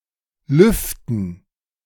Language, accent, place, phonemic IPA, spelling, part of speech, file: German, Germany, Berlin, /ˈlʏftən/, lüften, verb, De-lüften.ogg
- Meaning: 1. to air, ventilate 2. to lift, take off (a covering, such as a hat, veil, pot lid) 3. to unveil, reveal (a secret)